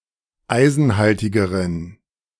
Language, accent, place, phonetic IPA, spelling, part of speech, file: German, Germany, Berlin, [ˈaɪ̯zn̩ˌhaltɪɡəʁən], eisenhaltigeren, adjective, De-eisenhaltigeren.ogg
- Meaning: inflection of eisenhaltig: 1. strong genitive masculine/neuter singular comparative degree 2. weak/mixed genitive/dative all-gender singular comparative degree